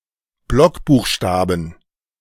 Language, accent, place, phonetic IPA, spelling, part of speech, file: German, Germany, Berlin, [ˈblɔkbuːxˌʃtaːbn̩], Blockbuchstaben, noun, De-Blockbuchstaben.ogg
- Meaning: plural of Blockbuchstabe